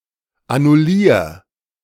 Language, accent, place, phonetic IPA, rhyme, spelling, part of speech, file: German, Germany, Berlin, [anʊˈliːɐ̯], -iːɐ̯, annullier, verb, De-annullier.ogg
- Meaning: 1. singular imperative of annullieren 2. first-person singular present of annullieren